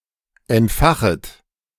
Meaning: second-person plural subjunctive I of entfachen
- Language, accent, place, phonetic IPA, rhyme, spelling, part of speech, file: German, Germany, Berlin, [ɛntˈfaxət], -axət, entfachet, verb, De-entfachet.ogg